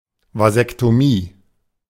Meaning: vasectomy
- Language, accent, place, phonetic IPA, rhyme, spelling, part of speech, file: German, Germany, Berlin, [vazɛktoˈmiː], -iː, Vasektomie, noun, De-Vasektomie.ogg